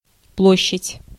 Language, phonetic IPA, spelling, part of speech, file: Russian, [ˈpɫoɕːɪtʲ], площадь, noun, Ru-площадь.ogg
- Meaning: 1. square (open area in a town or city) 2. space, living space 3. area